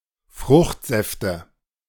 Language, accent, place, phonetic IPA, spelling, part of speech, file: German, Germany, Berlin, [ˈfʁʊxtˌzɛftə], Fruchtsäfte, noun, De-Fruchtsäfte.ogg
- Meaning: nominative/accusative/genitive plural of Fruchtsaft